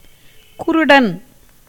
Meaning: blind man
- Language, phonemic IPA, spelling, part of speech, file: Tamil, /kʊɾʊɖɐn/, குருடன், noun, Ta-குருடன்.ogg